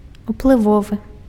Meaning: influential
- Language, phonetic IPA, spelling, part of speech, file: Belarusian, [upɫɨˈvovɨ], уплывовы, adjective, Be-уплывовы.ogg